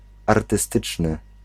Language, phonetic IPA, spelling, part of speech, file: Polish, [ˌartɨˈstɨt͡ʃnɨ], artystyczny, adjective, Pl-artystyczny.ogg